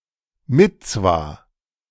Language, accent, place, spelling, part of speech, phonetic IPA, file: German, Germany, Berlin, Mitzwa, noun, [ˈmɪt͡sva], De-Mitzwa.ogg
- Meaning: mitzvah (any of the 613 commandments of Jewish law)